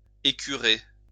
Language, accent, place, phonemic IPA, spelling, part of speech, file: French, France, Lyon, /e.ky.ʁe/, écurer, verb, LL-Q150 (fra)-écurer.wav
- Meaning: to clean thoroughly, particularly cookware